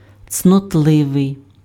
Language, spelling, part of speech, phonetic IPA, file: Ukrainian, цнотливий, adjective, [t͡snɔtˈɫɪʋei̯], Uk-цнотливий.ogg
- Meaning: 1. virtuous (full of virtue, having excellent moral character) 2. virgin, chaste